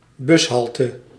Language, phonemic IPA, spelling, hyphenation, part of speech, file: Dutch, /ˈbʏsˌɦɑltə/, bushalte, bus‧hal‧te, noun, Nl-bushalte.ogg
- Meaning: bus stop